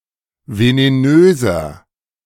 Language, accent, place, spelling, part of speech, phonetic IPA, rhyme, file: German, Germany, Berlin, venenöser, adjective, [veneˈnøːzɐ], -øːzɐ, De-venenöser.ogg
- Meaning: 1. comparative degree of venenös 2. inflection of venenös: strong/mixed nominative masculine singular 3. inflection of venenös: strong genitive/dative feminine singular